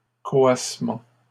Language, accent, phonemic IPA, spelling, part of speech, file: French, Canada, /kɔ.as.mɑ̃/, coassements, noun, LL-Q150 (fra)-coassements.wav
- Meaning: plural of coassement